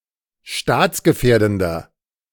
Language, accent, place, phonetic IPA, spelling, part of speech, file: German, Germany, Berlin, [ˈʃtaːt͡sɡəˌfɛːɐ̯dn̩dɐ], staatsgefährdender, adjective, De-staatsgefährdender.ogg
- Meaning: inflection of staatsgefährdend: 1. strong/mixed nominative masculine singular 2. strong genitive/dative feminine singular 3. strong genitive plural